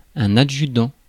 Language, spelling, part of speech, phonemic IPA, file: French, adjudant, noun, /a.dʒy.dɑ̃/, Fr-adjudant.ogg
- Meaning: adjutant; warrant officer